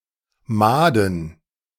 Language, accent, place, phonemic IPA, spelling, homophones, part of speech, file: German, Germany, Berlin, /ˈmaːdən/, Mahden, Maden, noun, De-Mahden.ogg
- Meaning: plural of Mahd